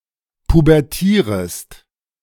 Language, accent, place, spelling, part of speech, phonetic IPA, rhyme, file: German, Germany, Berlin, pubertierest, verb, [pubɛʁˈtiːʁəst], -iːʁəst, De-pubertierest.ogg
- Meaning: second-person singular subjunctive I of pubertieren